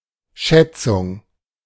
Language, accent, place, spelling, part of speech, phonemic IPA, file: German, Germany, Berlin, Schätzung, noun, /ˈʃɛtsʊŋ/, De-Schätzung.ogg
- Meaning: 1. estimate, estimation, guess 2. appraisal, assessment, valuation